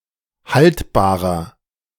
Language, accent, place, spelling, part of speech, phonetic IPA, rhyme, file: German, Germany, Berlin, haltbarer, adjective, [ˈhaltbaːʁɐ], -altbaːʁɐ, De-haltbarer.ogg
- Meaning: 1. comparative degree of haltbar 2. inflection of haltbar: strong/mixed nominative masculine singular 3. inflection of haltbar: strong genitive/dative feminine singular